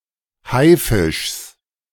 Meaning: genitive of Haifisch
- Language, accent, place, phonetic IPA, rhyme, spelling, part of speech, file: German, Germany, Berlin, [ˈhaɪ̯ˌfɪʃs], -aɪ̯fɪʃs, Haifischs, noun, De-Haifischs.ogg